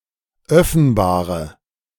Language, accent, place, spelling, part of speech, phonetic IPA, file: German, Germany, Berlin, öffenbare, adjective, [ˈœfn̩baːʁə], De-öffenbare.ogg
- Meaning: inflection of öffenbar: 1. strong/mixed nominative/accusative feminine singular 2. strong nominative/accusative plural 3. weak nominative all-gender singular